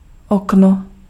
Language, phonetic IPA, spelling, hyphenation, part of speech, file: Czech, [ˈokno], okno, ok‧no, noun, Cs-okno.ogg
- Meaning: 1. window 2. blackout